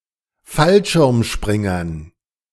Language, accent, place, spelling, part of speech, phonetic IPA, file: German, Germany, Berlin, Fallschirmspringern, noun, [ˈfalʃɪʁmˌʃpʁɪŋɐn], De-Fallschirmspringern.ogg
- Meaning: dative plural of Fallschirmspringer